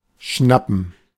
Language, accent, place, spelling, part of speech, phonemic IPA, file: German, Germany, Berlin, schnappen, verb, /ˈʃnapən/, De-schnappen2.ogg
- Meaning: 1. to snap (with one’s mouth) 2. to breathe, gasp 3. to catch; to seize 4. to nab (a criminal)